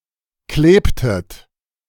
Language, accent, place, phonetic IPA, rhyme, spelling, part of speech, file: German, Germany, Berlin, [ˈkleːptət], -eːptət, klebtet, verb, De-klebtet.ogg
- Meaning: inflection of kleben: 1. second-person plural preterite 2. second-person plural subjunctive II